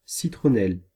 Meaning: 1. lemongrass 2. citronella 3. southernwood
- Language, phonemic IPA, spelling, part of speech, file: French, /si.tʁɔ.nɛl/, citronnelle, noun, Fr-citronnelle.ogg